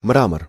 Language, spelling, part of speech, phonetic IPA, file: Russian, мрамор, noun, [ˈmramər], Ru-мрамор.ogg
- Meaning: marble